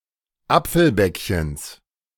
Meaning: genitive of Apfelbäckchen
- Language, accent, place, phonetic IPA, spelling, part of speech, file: German, Germany, Berlin, [ˈap͡fl̩ˌbɛkçəns], Apfelbäckchens, noun, De-Apfelbäckchens.ogg